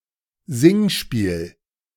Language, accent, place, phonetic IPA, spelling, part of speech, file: German, Germany, Berlin, [ˈzɪŋˌʃpiːl], Singspiel, noun, De-Singspiel.ogg
- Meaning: 1. singing game, musical comedy 2. singspiel